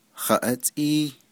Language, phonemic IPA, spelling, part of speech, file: Navajo, /hɑ̀ʔɑ́tʼíː/, haʼátʼíí, pronoun, Nv-haʼátʼíí.ogg
- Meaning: what?